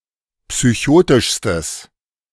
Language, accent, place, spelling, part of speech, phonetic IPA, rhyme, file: German, Germany, Berlin, psychotischstes, adjective, [psyˈçoːtɪʃstəs], -oːtɪʃstəs, De-psychotischstes.ogg
- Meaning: strong/mixed nominative/accusative neuter singular superlative degree of psychotisch